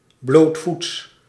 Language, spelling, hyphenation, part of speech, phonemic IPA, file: Dutch, blootvoets, bloot‧voets, adjective, /ˈbloːt.futs/, Nl-blootvoets.ogg
- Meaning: alternative form of blootsvoets